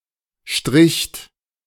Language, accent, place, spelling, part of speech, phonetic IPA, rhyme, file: German, Germany, Berlin, stricht, verb, [ʃtʁɪçt], -ɪçt, De-stricht.ogg
- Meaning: second-person plural preterite of streichen